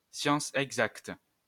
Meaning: exact science, hard science, formal science
- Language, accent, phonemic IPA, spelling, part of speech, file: French, France, /sjɑ̃.s‿ɛɡ.zakt/, science exacte, noun, LL-Q150 (fra)-science exacte.wav